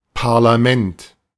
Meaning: 1. parliament 2. legislative building
- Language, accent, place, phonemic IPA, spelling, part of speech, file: German, Germany, Berlin, /paʁlaˈmɛnt/, Parlament, noun, De-Parlament.ogg